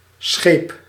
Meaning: aboard
- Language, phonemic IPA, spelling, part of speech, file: Dutch, /sxep/, scheep, adverb / verb, Nl-scheep.ogg